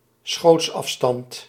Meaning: shooting distance (distance from which one shoots or is able to shoot)
- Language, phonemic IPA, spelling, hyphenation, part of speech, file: Dutch, /ˈsxoːts.ɑfˌstɑnt/, schootsafstand, schoots‧af‧stand, noun, Nl-schootsafstand.ogg